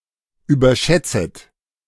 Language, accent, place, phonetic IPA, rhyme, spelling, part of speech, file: German, Germany, Berlin, [yːbɐˈʃɛt͡sət], -ɛt͡sət, überschätzet, verb, De-überschätzet.ogg
- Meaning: second-person plural subjunctive I of überschätzen